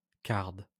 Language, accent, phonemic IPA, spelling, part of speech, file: French, France, /kaʁd/, carde, noun / verb, LL-Q150 (fra)-carde.wav
- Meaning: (noun) 1. card (a machine for disentagling the fibres of wool prior to spinning) 2. cardoon (perennial plant related to the artichoke) 3. edible stalks of either cardoon or chard